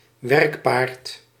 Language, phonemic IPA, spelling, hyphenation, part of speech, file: Dutch, /ˈʋɛrk.paːrt/, werkpaard, werk‧paard, noun, Nl-werkpaard.ogg
- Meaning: 1. workhorse, draft horse 2. workhorse (dependable, hard-working person or piece of equipment)